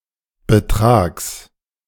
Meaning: genitive singular of Betrag
- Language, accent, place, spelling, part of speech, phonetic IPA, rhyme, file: German, Germany, Berlin, Betrags, noun, [bəˈtʁaːks], -aːks, De-Betrags.ogg